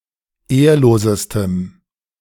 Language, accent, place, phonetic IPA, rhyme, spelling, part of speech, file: German, Germany, Berlin, [ˈeːɐ̯loːzəstəm], -eːɐ̯loːzəstəm, ehrlosestem, adjective, De-ehrlosestem.ogg
- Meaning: strong dative masculine/neuter singular superlative degree of ehrlos